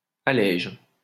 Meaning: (noun) lighter (type of boat); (verb) inflection of alléger: 1. first/third-person singular present indicative/subjunctive 2. second-person singular imperative
- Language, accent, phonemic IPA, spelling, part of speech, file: French, France, /a.lɛʒ/, allège, noun / verb, LL-Q150 (fra)-allège.wav